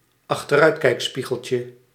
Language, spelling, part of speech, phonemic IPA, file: Dutch, achteruitkijkspiegeltje, noun, /ɑxtəˈrœytkɛɪkspiɣəlcə/, Nl-achteruitkijkspiegeltje.ogg
- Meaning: diminutive of achteruitkijkspiegel